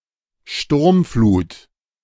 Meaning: storm surge, storm tide
- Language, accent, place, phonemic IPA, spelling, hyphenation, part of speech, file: German, Germany, Berlin, /ˈʃtʊʁmˌfluːt/, Sturmflut, Sturm‧flut, noun, De-Sturmflut.ogg